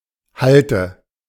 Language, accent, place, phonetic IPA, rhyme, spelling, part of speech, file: German, Germany, Berlin, [ˈhaltə], -altə, hallte, verb, De-hallte.ogg
- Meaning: inflection of hallen: 1. first/third-person singular preterite 2. first/third-person singular subjunctive II